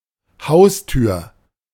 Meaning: 1. front door 2. doorstep, threshold
- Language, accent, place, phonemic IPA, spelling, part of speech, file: German, Germany, Berlin, /ˈhaʊ̯styːɐ̯/, Haustür, noun, De-Haustür.ogg